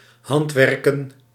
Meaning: to handwork
- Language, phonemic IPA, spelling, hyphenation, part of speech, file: Dutch, /ˈɦɑntˌʋɛr.kə(n)/, handwerken, hand‧wer‧ken, verb, Nl-handwerken.ogg